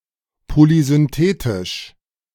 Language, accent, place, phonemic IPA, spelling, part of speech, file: German, Germany, Berlin, /ˌpolizʏnˈteːtɪʃ/, polysynthetisch, adjective, De-polysynthetisch.ogg
- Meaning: polysynthetic